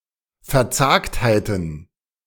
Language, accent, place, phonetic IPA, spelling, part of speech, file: German, Germany, Berlin, [fɛɐ̯ˈt͡saːkthaɪ̯tn̩], Verzagtheiten, noun, De-Verzagtheiten.ogg
- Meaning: plural of Verzagtheit